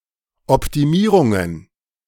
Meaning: plural of Optimierung
- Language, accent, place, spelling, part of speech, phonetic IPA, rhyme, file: German, Germany, Berlin, Optimierungen, noun, [ɔptiˈmiːʁʊŋən], -iːʁʊŋən, De-Optimierungen.ogg